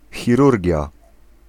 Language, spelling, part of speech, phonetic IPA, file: Polish, chirurgia, noun, [xʲiˈrurʲɟja], Pl-chirurgia.ogg